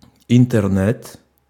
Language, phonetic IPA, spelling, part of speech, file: Russian, [ɪntɨrˈnɛt], интернет, noun, Ru-интернет.ogg
- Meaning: Internet